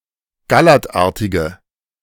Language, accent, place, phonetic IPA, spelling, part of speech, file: German, Germany, Berlin, [ɡaˈlɛʁtˌʔaʁtɪɡə], gallertartige, adjective, De-gallertartige.ogg
- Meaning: inflection of gallertartig: 1. strong/mixed nominative/accusative feminine singular 2. strong nominative/accusative plural 3. weak nominative all-gender singular